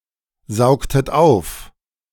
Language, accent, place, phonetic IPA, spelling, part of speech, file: German, Germany, Berlin, [ˌzaʊ̯ktət ˈaʊ̯f], saugtet auf, verb, De-saugtet auf.ogg
- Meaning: inflection of aufsaugen: 1. second-person plural preterite 2. second-person plural subjunctive II